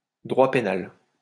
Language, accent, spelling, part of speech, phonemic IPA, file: French, France, droit pénal, noun, /dʁwa pe.nal/, LL-Q150 (fra)-droit pénal.wav
- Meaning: criminal law